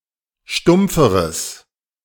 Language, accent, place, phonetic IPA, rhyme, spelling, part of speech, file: German, Germany, Berlin, [ˈʃtʊmp͡fəʁəs], -ʊmp͡fəʁəs, stumpferes, adjective, De-stumpferes.ogg
- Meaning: strong/mixed nominative/accusative neuter singular comparative degree of stumpf